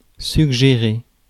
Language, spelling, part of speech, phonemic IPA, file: French, suggérer, verb, /syɡ.ʒe.ʁe/, Fr-suggérer.ogg
- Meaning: 1. to suggest, propose 2. to evoke, suggest